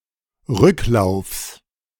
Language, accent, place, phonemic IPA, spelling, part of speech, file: German, Germany, Berlin, /ˈʁʏklaʊ̯fs/, Rücklaufs, noun, De-Rücklaufs.ogg
- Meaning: genitive singular of Rücklauf